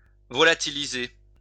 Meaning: 1. to volatilize 2. to extinguish, obliterate 3. to vanish
- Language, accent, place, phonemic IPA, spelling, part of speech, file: French, France, Lyon, /vɔ.la.ti.li.ze/, volatiliser, verb, LL-Q150 (fra)-volatiliser.wav